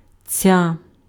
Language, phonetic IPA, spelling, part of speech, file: Ukrainian, [t͡sʲa], ця, determiner, Uk-ця.ogg
- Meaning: nominative/vocative feminine singular of цей (cej)